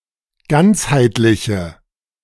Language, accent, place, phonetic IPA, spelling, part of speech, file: German, Germany, Berlin, [ˈɡant͡shaɪ̯tlɪçə], ganzheitliche, adjective, De-ganzheitliche.ogg
- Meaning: inflection of ganzheitlich: 1. strong/mixed nominative/accusative feminine singular 2. strong nominative/accusative plural 3. weak nominative all-gender singular